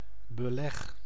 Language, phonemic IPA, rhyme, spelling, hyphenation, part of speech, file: Dutch, /bəˈlɛx/, -ɛx, beleg, be‧leg, noun / verb, Nl-beleg.ogg
- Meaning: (noun) 1. siege on a city 2. bread topping; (verb) inflection of beleggen: 1. first-person singular present indicative 2. second-person singular present indicative 3. imperative